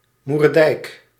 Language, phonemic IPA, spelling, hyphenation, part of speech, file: Dutch, /ˈmur.dɛi̯k/, moerdijk, moer‧dijk, noun, Nl-moerdijk.ogg
- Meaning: a dyke built around a peat or salt excavation site